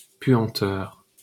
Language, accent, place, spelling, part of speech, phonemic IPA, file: French, France, Paris, puanteur, noun, /pɥɑ̃.tœʁ/, LL-Q150 (fra)-puanteur.wav
- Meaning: stench; stink